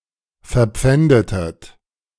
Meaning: inflection of verpfänden: 1. second-person plural preterite 2. second-person plural subjunctive II
- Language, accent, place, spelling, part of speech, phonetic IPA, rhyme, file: German, Germany, Berlin, verpfändetet, verb, [fɛɐ̯ˈp͡fɛndətət], -ɛndətət, De-verpfändetet.ogg